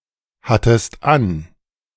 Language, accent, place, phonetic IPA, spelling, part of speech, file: German, Germany, Berlin, [ˌhatəst ˈan], hattest an, verb, De-hattest an.ogg
- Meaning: second-person singular preterite of anhaben